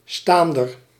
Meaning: 1. support beam 2. standard, stand (vertical support of any kind)
- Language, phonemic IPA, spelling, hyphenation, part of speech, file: Dutch, /ˈstaːn.dər/, staander, staan‧der, noun, Nl-staander.ogg